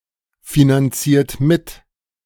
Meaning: inflection of mitfinanzieren: 1. second-person plural present 2. third-person singular present 3. plural imperative
- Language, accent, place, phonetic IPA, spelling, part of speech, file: German, Germany, Berlin, [finanˌt͡siːɐ̯t ˈmɪt], finanziert mit, verb, De-finanziert mit.ogg